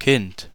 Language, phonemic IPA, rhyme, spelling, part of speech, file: German, /kɪnt/, -ɪnt, Kind, noun, De-Kind.ogg
- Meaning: 1. kid; child (young person) 2. child; offspring (person with regard to his or her parents; also a baby animal or young animal, especially as the second component in numerous compound nouns)